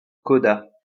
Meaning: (noun) 1. coda 2. a syllable coda; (verb) third-person singular past historic of coder
- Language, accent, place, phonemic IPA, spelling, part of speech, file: French, France, Lyon, /kɔ.da/, coda, noun / verb, LL-Q150 (fra)-coda.wav